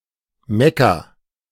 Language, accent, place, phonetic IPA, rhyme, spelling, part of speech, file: German, Germany, Berlin, [ˈmɛka], -ɛka, Mekka, proper noun / noun, De-Mekka.ogg
- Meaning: Mecca (a large city in the Hejaz, Saudi Arabia, the holiest place in Islam)